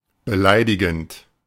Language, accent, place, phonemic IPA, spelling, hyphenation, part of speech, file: German, Germany, Berlin, /bəˈlaɪ̯dɪɡn̩t/, beleidigend, be‧lei‧di‧gend, verb, De-beleidigend.ogg
- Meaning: present participle of beleidigen; offending, offensive